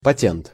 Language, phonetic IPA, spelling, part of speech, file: Russian, [pɐˈtʲent], патент, noun, Ru-патент.ogg
- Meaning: patent, licence